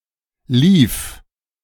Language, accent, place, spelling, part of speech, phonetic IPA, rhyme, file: German, Germany, Berlin, lief, verb, [liːf], -iːf, De-lief.ogg
- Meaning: first/third-person singular preterite of laufen